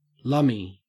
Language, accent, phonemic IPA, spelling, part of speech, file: English, Australia, /ˈlʌmi/, lummy, interjection / adjective, En-au-lummy.ogg
- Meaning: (interjection) Alternative form of lumme; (adjective) 1. shrewd; knowing; cute 2. jolly, first-rate